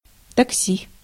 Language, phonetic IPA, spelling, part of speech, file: Russian, [tɐkˈsʲi], такси, noun, Ru-такси.ogg
- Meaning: taxi; cab